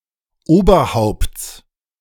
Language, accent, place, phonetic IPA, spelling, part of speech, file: German, Germany, Berlin, [ˈoːbɐˌhaʊ̯pt͡s], Oberhaupts, noun, De-Oberhaupts.ogg
- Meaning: genitive singular of Oberhaupt